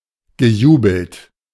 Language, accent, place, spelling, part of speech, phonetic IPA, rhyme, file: German, Germany, Berlin, gejubelt, verb, [ɡəˈjuːbl̩t], -uːbl̩t, De-gejubelt.ogg
- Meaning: past participle of jubeln